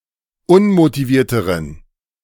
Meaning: inflection of unmotiviert: 1. strong genitive masculine/neuter singular comparative degree 2. weak/mixed genitive/dative all-gender singular comparative degree
- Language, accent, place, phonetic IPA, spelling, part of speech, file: German, Germany, Berlin, [ˈʊnmotiˌviːɐ̯təʁən], unmotivierteren, adjective, De-unmotivierteren.ogg